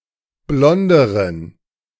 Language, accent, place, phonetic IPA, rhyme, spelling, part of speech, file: German, Germany, Berlin, [ˈblɔndəʁən], -ɔndəʁən, blonderen, adjective, De-blonderen.ogg
- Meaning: inflection of blond: 1. strong genitive masculine/neuter singular comparative degree 2. weak/mixed genitive/dative all-gender singular comparative degree